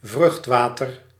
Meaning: amniotic fluid
- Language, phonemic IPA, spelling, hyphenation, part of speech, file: Dutch, /ˈvrʏxtˌʋaː.tər/, vruchtwater, vrucht‧wa‧ter, noun, Nl-vruchtwater.ogg